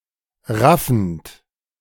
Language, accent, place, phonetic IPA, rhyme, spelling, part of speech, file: German, Germany, Berlin, [ˈʁafn̩t], -afn̩t, raffend, verb, De-raffend.ogg
- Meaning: present participle of raffen